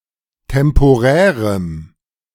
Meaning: strong dative masculine/neuter singular of temporär
- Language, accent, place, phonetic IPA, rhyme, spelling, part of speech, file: German, Germany, Berlin, [tɛmpoˈʁɛːʁəm], -ɛːʁəm, temporärem, adjective, De-temporärem.ogg